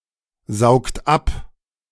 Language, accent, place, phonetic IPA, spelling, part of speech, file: German, Germany, Berlin, [ˌzaʊ̯kt ˈap], saugt ab, verb, De-saugt ab.ogg
- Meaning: inflection of absaugen: 1. second-person plural present 2. third-person singular present 3. plural imperative